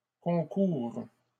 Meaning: second-person singular present subjunctive of concourir
- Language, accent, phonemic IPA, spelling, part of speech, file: French, Canada, /kɔ̃.kuʁ/, concoures, verb, LL-Q150 (fra)-concoures.wav